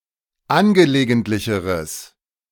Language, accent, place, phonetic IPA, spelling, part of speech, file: German, Germany, Berlin, [ˈanɡəleːɡəntlɪçəʁəs], angelegentlicheres, adjective, De-angelegentlicheres.ogg
- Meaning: strong/mixed nominative/accusative neuter singular comparative degree of angelegentlich